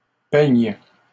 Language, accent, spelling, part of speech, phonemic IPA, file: French, Canada, peignent, verb, /pɛɲ/, LL-Q150 (fra)-peignent.wav
- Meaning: 1. third-person plural present indicative/subjunctive of peigner 2. third-person plural present indicative/subjunctive of peindre